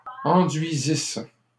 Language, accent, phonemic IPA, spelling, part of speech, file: French, Canada, /ɑ̃.dɥi.zis/, enduisisse, verb, LL-Q150 (fra)-enduisisse.wav
- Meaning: first-person singular imperfect subjunctive of enduire